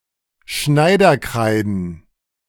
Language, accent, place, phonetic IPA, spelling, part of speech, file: German, Germany, Berlin, [ˈʃnaɪ̯dɐˌkʁaɪ̯dn̩], Schneiderkreiden, noun, De-Schneiderkreiden.ogg
- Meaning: plural of Schneiderkreide